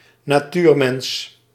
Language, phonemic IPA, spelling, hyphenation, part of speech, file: Dutch, /naːˈtyːrˌmɛns/, natuurmens, na‧tuur‧mens, noun, Nl-natuurmens.ogg
- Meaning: 1. natural man, the archetypical human in a state of nature held to be a representative agent for all humanity in some philosophical systems 2. nature lover (person who loves to be in the wild)